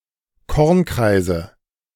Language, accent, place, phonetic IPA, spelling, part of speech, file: German, Germany, Berlin, [ˈkɔʁnˌkʁaɪ̯zə], Kornkreise, noun, De-Kornkreise.ogg
- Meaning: nominative/accusative/genitive plural of Kornkreis